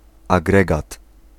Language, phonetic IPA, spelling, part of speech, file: Polish, [aˈɡrɛɡat], agregat, noun, Pl-agregat.ogg